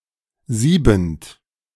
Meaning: present participle of sieben
- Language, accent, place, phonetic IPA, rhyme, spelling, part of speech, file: German, Germany, Berlin, [ˈziːbn̩t], -iːbn̩t, siebend, verb, De-siebend.ogg